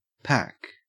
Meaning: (noun) 1. A bundle made up and prepared to be carried; especially, a bundle to be carried on the back, but also a load for an animal, a bale 2. A number or quantity equal to the contents of a pack
- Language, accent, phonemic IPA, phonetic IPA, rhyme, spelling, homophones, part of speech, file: English, Australia, /pæk/, [pʰæk], -æk, pack, PAC, noun / verb, En-au-pack.ogg